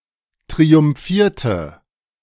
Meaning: inflection of triumphieren: 1. first/third-person singular preterite 2. first/third-person singular subjunctive II
- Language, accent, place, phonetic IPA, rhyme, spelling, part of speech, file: German, Germany, Berlin, [tʁiʊmˈfiːɐ̯tə], -iːɐ̯tə, triumphierte, verb, De-triumphierte.ogg